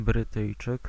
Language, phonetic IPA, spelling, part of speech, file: Polish, [brɨˈtɨjt͡ʃɨk], Brytyjczyk, noun, Pl-Brytyjczyk.ogg